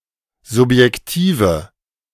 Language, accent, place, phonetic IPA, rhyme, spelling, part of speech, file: German, Germany, Berlin, [zʊpjɛkˈtiːvə], -iːvə, subjektive, adjective, De-subjektive.ogg
- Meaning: inflection of subjektiv: 1. strong/mixed nominative/accusative feminine singular 2. strong nominative/accusative plural 3. weak nominative all-gender singular